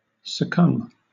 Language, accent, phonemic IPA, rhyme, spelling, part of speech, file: English, Southern England, /səˈkʌm/, -ʌm, succumb, verb, LL-Q1860 (eng)-succumb.wav
- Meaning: 1. To yield to an overpowering force or overwhelming desire 2. To give up, or give in 3. To die 4. To overwhelm or bring down